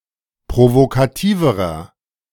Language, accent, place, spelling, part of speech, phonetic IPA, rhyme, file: German, Germany, Berlin, provokativerer, adjective, [pʁovokaˈtiːvəʁɐ], -iːvəʁɐ, De-provokativerer.ogg
- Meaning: inflection of provokativ: 1. strong/mixed nominative masculine singular comparative degree 2. strong genitive/dative feminine singular comparative degree 3. strong genitive plural comparative degree